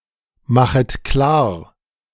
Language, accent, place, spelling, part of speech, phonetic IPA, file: German, Germany, Berlin, machet klar, verb, [ˌmaxət ˈklaːɐ̯], De-machet klar.ogg
- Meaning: second-person plural subjunctive I of klarmachen